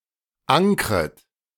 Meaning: second-person plural subjunctive I of ankern
- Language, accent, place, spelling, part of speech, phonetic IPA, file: German, Germany, Berlin, ankret, verb, [ˈaŋkʁət], De-ankret.ogg